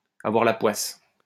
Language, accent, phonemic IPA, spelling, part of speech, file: French, France, /a.vwaʁ la pwas/, avoir la poisse, verb, LL-Q150 (fra)-avoir la poisse.wav
- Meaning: to have chronic bad luck